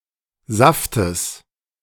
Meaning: genitive singular of Saft
- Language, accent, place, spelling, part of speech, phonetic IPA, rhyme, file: German, Germany, Berlin, Saftes, noun, [ˈzaftəs], -aftəs, De-Saftes.ogg